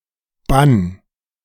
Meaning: 1. singular imperative of bannen 2. first-person singular present of bannen
- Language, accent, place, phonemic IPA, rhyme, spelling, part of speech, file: German, Germany, Berlin, /ban/, -an, bann, verb, De-bann.ogg